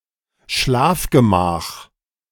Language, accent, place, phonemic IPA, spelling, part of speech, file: German, Germany, Berlin, /ˈʃlaːf.ɡəˌmaːx/, Schlafgemach, noun, De-Schlafgemach.ogg
- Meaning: bedroom